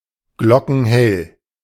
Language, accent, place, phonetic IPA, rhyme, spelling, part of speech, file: German, Germany, Berlin, [ˈɡlɔkn̩ˈhɛl], -ɛl, glockenhell, adjective, De-glockenhell.ogg
- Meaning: bright and clear (like a bell) (of a sound)